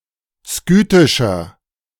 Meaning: inflection of skythisch: 1. strong/mixed nominative masculine singular 2. strong genitive/dative feminine singular 3. strong genitive plural
- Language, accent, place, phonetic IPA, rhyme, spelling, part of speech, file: German, Germany, Berlin, [ˈskyːtɪʃɐ], -yːtɪʃɐ, skythischer, adjective, De-skythischer.ogg